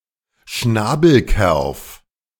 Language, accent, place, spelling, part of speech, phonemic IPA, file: German, Germany, Berlin, Schnabelkerf, noun, /ˈʃnaːbəlˌkɛʁf/, De-Schnabelkerf.ogg
- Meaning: true bug (insect of the order Hemiptera)